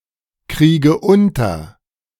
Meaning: inflection of unterkriegen: 1. first-person singular present 2. first/third-person singular subjunctive I 3. singular imperative
- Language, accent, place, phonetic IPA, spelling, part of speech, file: German, Germany, Berlin, [ˌkʁiːɡə ˈʊntɐ], kriege unter, verb, De-kriege unter.ogg